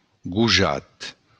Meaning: 1. boy 2. son
- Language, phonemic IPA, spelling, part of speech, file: Occitan, /ɡuˈ(d)ʒat/, gojat, noun, LL-Q35735-gojat.wav